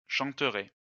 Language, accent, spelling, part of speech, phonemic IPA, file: French, France, chanterai, verb, /ʃɑ̃.tʁe/, LL-Q150 (fra)-chanterai.wav
- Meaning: first-person singular future of chanter